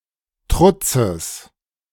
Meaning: genitive singular of Trutz
- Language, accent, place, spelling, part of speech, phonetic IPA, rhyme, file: German, Germany, Berlin, Trutzes, noun, [ˈtʁʊt͡səs], -ʊt͡səs, De-Trutzes.ogg